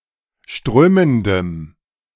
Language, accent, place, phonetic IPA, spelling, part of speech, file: German, Germany, Berlin, [ˈʃtʁøːməndəm], strömendem, adjective, De-strömendem.ogg
- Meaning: strong dative masculine/neuter singular of strömend